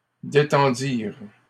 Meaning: third-person plural past historic of détendre
- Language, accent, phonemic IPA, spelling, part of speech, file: French, Canada, /de.tɑ̃.diʁ/, détendirent, verb, LL-Q150 (fra)-détendirent.wav